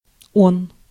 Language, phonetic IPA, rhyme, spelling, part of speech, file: Russian, [on], -on, он, pronoun, Ru-он.ogg
- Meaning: third-person masculine singular pronoun: he, it